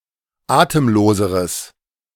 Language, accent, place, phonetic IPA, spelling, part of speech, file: German, Germany, Berlin, [ˈaːtəmˌloːzəʁəs], atemloseres, adjective, De-atemloseres.ogg
- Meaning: strong/mixed nominative/accusative neuter singular comparative degree of atemlos